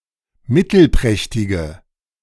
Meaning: inflection of mittelprächtig: 1. strong/mixed nominative/accusative feminine singular 2. strong nominative/accusative plural 3. weak nominative all-gender singular
- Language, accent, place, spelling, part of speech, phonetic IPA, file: German, Germany, Berlin, mittelprächtige, adjective, [ˈmɪtl̩ˌpʁɛçtɪɡə], De-mittelprächtige.ogg